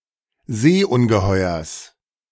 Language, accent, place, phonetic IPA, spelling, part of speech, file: German, Germany, Berlin, [ˈzeːʔʊnɡəˌhɔɪ̯ɐs], Seeungeheuers, noun, De-Seeungeheuers.ogg
- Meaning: genitive singular of Seeungeheuer